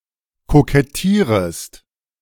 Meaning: second-person singular subjunctive I of kokettieren
- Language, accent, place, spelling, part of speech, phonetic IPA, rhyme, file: German, Germany, Berlin, kokettierest, verb, [kokɛˈtiːʁəst], -iːʁəst, De-kokettierest.ogg